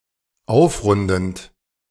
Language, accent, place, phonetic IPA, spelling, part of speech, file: German, Germany, Berlin, [ˈaʊ̯fˌʁʊndn̩t], aufrundend, verb, De-aufrundend.ogg
- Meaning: present participle of aufrunden